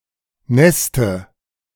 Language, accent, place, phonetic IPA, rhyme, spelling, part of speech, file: German, Germany, Berlin, [ˈnɛstə], -ɛstə, Neste, noun, De-Neste.ogg
- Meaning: dative of Nest